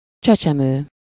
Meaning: infant
- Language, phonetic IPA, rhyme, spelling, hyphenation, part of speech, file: Hungarian, [ˈt͡ʃɛt͡ʃɛmøː], -møː, csecsemő, cse‧cse‧mő, noun, Hu-csecsemő.ogg